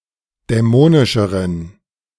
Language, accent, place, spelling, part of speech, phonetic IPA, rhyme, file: German, Germany, Berlin, dämonischeren, adjective, [dɛˈmoːnɪʃəʁən], -oːnɪʃəʁən, De-dämonischeren.ogg
- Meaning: inflection of dämonisch: 1. strong genitive masculine/neuter singular comparative degree 2. weak/mixed genitive/dative all-gender singular comparative degree